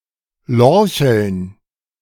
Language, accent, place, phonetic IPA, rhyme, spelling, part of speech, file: German, Germany, Berlin, [ˈlɔʁçl̩n], -ɔʁçl̩n, Lorcheln, noun, De-Lorcheln.ogg
- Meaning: plural of Lorchel